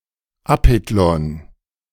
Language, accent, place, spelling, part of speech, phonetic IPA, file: German, Germany, Berlin, Apetlon, proper noun, [ˈapɛtlɔn], De-Apetlon.ogg
- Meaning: a municipality of Burgenland, Austria